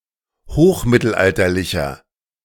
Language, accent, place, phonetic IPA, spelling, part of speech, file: German, Germany, Berlin, [ˈhoːxˌmɪtl̩ʔaltɐlɪçɐ], hochmittelalterlicher, adjective, De-hochmittelalterlicher.ogg
- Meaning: inflection of hochmittelalterlich: 1. strong/mixed nominative masculine singular 2. strong genitive/dative feminine singular 3. strong genitive plural